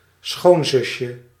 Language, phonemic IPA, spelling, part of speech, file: Dutch, /ˈsxonzʏʃə/, schoonzusje, noun, Nl-schoonzusje.ogg
- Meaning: diminutive of schoonzus